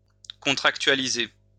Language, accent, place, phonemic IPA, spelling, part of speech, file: French, France, Lyon, /kɔ̃.tʁak.tɥa.li.ze/, contractualiser, verb, LL-Q150 (fra)-contractualiser.wav
- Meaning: to contractualize